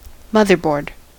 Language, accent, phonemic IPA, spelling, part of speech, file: English, US, /ˈmʌðɚˌbɔɹd/, motherboard, noun, En-us-motherboard.ogg
- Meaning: The primary circuit board of a personal computer, containing the circuitry for the central processing unit, keyboard, mouse and monitor, together with slots for other devices